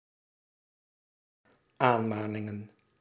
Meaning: plural of aanmaning
- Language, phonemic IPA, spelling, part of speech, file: Dutch, /ˈanmanɪŋə(n)/, aanmaningen, noun, Nl-aanmaningen.ogg